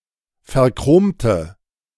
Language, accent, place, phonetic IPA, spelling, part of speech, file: German, Germany, Berlin, [fɛɐ̯ˈkʁoːmtə], verchromte, adjective / verb, De-verchromte.ogg
- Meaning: inflection of verchromt: 1. strong/mixed nominative/accusative feminine singular 2. strong nominative/accusative plural 3. weak nominative all-gender singular